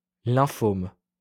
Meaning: lymphoma
- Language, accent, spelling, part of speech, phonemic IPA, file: French, France, lymphome, noun, /lɛ̃.fɔm/, LL-Q150 (fra)-lymphome.wav